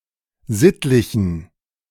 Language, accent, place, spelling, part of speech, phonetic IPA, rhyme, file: German, Germany, Berlin, sittlichen, adjective, [ˈzɪtlɪçn̩], -ɪtlɪçn̩, De-sittlichen.ogg
- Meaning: inflection of sittlich: 1. strong genitive masculine/neuter singular 2. weak/mixed genitive/dative all-gender singular 3. strong/weak/mixed accusative masculine singular 4. strong dative plural